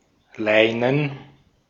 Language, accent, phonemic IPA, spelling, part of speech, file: German, Austria, /ˈlaɪ̯nən/, Leinen, noun, De-at-Leinen.ogg
- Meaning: 1. linen 2. canvas 3. plural of Leine 4. dative plural of Lein